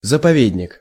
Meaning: nature reserve
- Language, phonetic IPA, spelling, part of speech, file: Russian, [zəpɐˈvʲedʲnʲɪk], заповедник, noun, Ru-заповедник.ogg